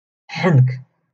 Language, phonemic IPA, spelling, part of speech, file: Moroccan Arabic, /ħank/, حنك, noun, LL-Q56426 (ary)-حنك.wav
- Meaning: cheek